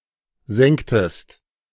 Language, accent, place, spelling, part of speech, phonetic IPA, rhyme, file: German, Germany, Berlin, sengtest, verb, [ˈzɛŋtəst], -ɛŋtəst, De-sengtest.ogg
- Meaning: inflection of sengen: 1. second-person singular preterite 2. second-person singular subjunctive II